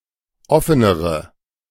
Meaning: inflection of offen: 1. strong/mixed nominative/accusative feminine singular comparative degree 2. strong nominative/accusative plural comparative degree
- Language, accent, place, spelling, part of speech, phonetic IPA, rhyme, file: German, Germany, Berlin, offenere, adjective, [ˈɔfənəʁə], -ɔfənəʁə, De-offenere.ogg